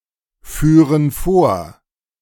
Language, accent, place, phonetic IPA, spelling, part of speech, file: German, Germany, Berlin, [ˌfyːʁən ˈfoːɐ̯], führen vor, verb, De-führen vor.ogg
- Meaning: first/third-person plural subjunctive II of vorfahren